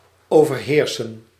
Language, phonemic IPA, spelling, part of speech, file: Dutch, /ˌoː.vərˈɦeːr.sə(n)/, overheersen, verb, Nl-overheersen.ogg
- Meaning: to dominate